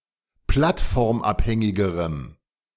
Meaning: strong dative masculine/neuter singular comparative degree of plattformabhängig
- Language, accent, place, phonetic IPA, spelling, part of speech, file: German, Germany, Berlin, [ˈplatfɔʁmˌʔaphɛŋɪɡəʁəm], plattformabhängigerem, adjective, De-plattformabhängigerem.ogg